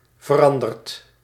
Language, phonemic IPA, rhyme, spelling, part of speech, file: Dutch, /vəˈrɑn.dərt/, -ɑndərt, veranderd, verb, Nl-veranderd.ogg
- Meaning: past participle of veranderen